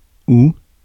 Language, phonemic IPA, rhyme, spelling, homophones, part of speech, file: French, /u/, -u, ou, août / où / houe / houes / houx, conjunction, Fr-ou.ogg
- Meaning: 1. or 2. either...or